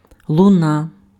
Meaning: echo (reflected sound)
- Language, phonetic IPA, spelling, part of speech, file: Ukrainian, [ɫʊˈna], луна, noun, Uk-луна.ogg